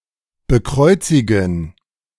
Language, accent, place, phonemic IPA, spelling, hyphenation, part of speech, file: German, Germany, Berlin, /bəˈkʁɔʏ̯tsɪɡən/, bekreuzigen, be‧kreu‧zi‧gen, verb, De-bekreuzigen.ogg
- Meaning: 1. to cross oneself 2. to becross, to make the sign of the cross over someone or something